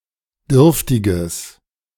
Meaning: strong/mixed nominative/accusative neuter singular of dürftig
- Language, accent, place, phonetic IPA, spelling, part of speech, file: German, Germany, Berlin, [ˈdʏʁftɪɡəs], dürftiges, adjective, De-dürftiges.ogg